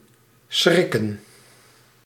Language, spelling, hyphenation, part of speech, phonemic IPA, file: Dutch, schrikken, schrik‧ken, verb / noun, /ˈsxrɪkə(n)/, Nl-schrikken.ogg
- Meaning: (verb) 1. to be startled, to get a scare 2. to quench (cool rapidly by immersion); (noun) plural of schrik